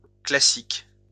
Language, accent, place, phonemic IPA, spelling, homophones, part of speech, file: French, France, Lyon, /kla.sik/, classiques, classique, noun, LL-Q150 (fra)-classiques.wav
- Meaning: plural of classique